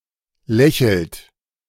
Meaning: inflection of lächeln: 1. third-person singular present 2. second-person plural present 3. plural imperative
- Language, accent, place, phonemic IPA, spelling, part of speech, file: German, Germany, Berlin, /ˈlɛçəlt/, lächelt, verb, De-lächelt.ogg